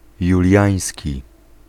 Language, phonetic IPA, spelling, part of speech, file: Polish, [juˈlʲjä̃j̃sʲci], juliański, adjective, Pl-juliański.ogg